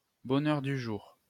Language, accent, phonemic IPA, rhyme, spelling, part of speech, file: French, France, /bɔ.nœʁ.dy.ʒuʁ/, -uʁ, bonheur-du-jour, noun, LL-Q150 (fra)-bonheur-du-jour.wav
- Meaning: bonheur du jour (lady's writing desk)